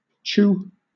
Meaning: The sound of a locomotive whistle
- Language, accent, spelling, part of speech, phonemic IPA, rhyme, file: English, Southern England, choo, noun, /tʃuː/, -uː, LL-Q1860 (eng)-choo.wav